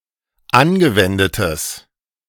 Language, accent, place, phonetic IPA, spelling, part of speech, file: German, Germany, Berlin, [ˈanɡəˌvɛndətəs], angewendetes, adjective, De-angewendetes.ogg
- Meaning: strong/mixed nominative/accusative neuter singular of angewendet